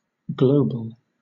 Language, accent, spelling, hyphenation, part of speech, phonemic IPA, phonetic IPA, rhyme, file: English, Southern England, global, glo‧bal, adjective / noun / adverb, /ˈɡləʊ.bəl/, [ˈɡləʊ̯b(ə)ɫ], -əʊbəl, LL-Q1860 (eng)-global.wav
- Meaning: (adjective) 1. Concerning all parts of the world 2. Pertaining to the whole of something; total, universal